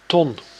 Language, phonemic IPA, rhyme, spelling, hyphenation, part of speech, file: Dutch, /tɔn/, -ɔn, ton, ton, noun, Nl-ton.ogg
- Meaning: 1. barrel 2. ton (1000 kilograms) 3. 100,000 of some monetary unit, particularly guilders 4. a large amount